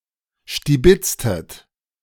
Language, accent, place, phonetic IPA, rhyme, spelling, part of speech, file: German, Germany, Berlin, [ʃtiˈbɪt͡stət], -ɪt͡stət, stibitztet, verb, De-stibitztet.ogg
- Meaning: inflection of stibitzen: 1. second-person plural preterite 2. second-person plural subjunctive II